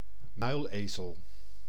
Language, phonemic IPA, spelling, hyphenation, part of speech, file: Dutch, /ˈmœy̯lˌeː.zəl/, muilezel, muil‧ezel, noun, Nl-muilezel.ogg
- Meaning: hinny (the sterile hybrid offspring of a male horse (stallion) and a female donkey or ass (jennyass, jenny))